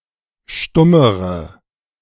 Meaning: inflection of stumm: 1. strong/mixed nominative/accusative feminine singular comparative degree 2. strong nominative/accusative plural comparative degree
- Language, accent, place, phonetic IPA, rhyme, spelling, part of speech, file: German, Germany, Berlin, [ˈʃtʊməʁə], -ʊməʁə, stummere, adjective, De-stummere.ogg